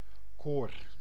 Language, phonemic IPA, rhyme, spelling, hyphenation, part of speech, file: Dutch, /koːr/, -oːr, koor, koor, noun, Nl-koor.ogg
- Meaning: 1. choir, vocal ensemble 2. choir, part of a church building 3. chorus